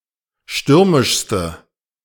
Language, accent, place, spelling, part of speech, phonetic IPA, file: German, Germany, Berlin, stürmischste, adjective, [ˈʃtʏʁmɪʃstə], De-stürmischste.ogg
- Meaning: inflection of stürmisch: 1. strong/mixed nominative/accusative feminine singular superlative degree 2. strong nominative/accusative plural superlative degree